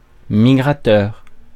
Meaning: migratory (that migrates)
- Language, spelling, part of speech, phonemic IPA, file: French, migrateur, adjective, /mi.ɡʁa.tœʁ/, Fr-migrateur.ogg